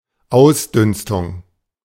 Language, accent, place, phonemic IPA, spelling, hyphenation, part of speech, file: German, Germany, Berlin, /ˈaʊ̯sˌdʏnstʊŋ/, Ausdünstung, Aus‧düns‧tung, noun, De-Ausdünstung.ogg
- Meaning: evaporation